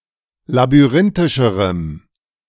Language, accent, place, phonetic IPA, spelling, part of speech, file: German, Germany, Berlin, [labyˈʁɪntɪʃəʁəm], labyrinthischerem, adjective, De-labyrinthischerem.ogg
- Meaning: strong dative masculine/neuter singular comparative degree of labyrinthisch